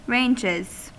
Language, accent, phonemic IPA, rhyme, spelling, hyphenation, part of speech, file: English, US, /ˈɹeɪnd͡ʒɪz/, -eɪndʒɪz, ranges, ranges, noun / verb, En-us-ranges.ogg
- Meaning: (noun) plural of range; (verb) third-person singular simple present indicative of range